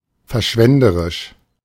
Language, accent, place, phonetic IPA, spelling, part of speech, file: German, Germany, Berlin, [fɛɐ̯ˈʃvɛndəʁɪʃ], verschwenderisch, adjective, De-verschwenderisch.ogg
- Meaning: 1. lavish, extravagant 2. wasteful, profligate, prodigal